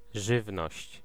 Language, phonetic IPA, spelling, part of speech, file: Polish, [ˈʒɨvnɔɕt͡ɕ], żywność, noun, Pl-żywność.ogg